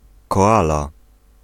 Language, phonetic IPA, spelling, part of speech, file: Polish, [kɔˈala], koala, noun, Pl-koala.ogg